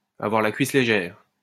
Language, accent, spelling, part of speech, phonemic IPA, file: French, France, avoir la cuisse légère, verb, /a.vwaʁ la kɥis le.ʒɛʁ/, LL-Q150 (fra)-avoir la cuisse légère.wav
- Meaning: to be easy; to open one's legs for everybody